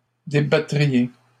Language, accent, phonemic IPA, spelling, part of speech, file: French, Canada, /de.ba.tʁi.je/, débattriez, verb, LL-Q150 (fra)-débattriez.wav
- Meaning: second-person plural conditional of débattre